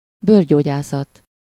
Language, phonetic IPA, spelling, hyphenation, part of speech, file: Hungarian, [ˈbøːrɟoːɟaːsɒt], bőrgyógyászat, bőr‧gyó‧gyá‧szat, noun, Hu-bőrgyógyászat.ogg
- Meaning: dermatology